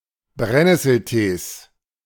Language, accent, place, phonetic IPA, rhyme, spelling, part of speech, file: German, Germany, Berlin, [ˈbʁɛtɐ], -ɛtɐ, Bretter, noun, De-Bretter.ogg
- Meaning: nominative/accusative/genitive plural of Brett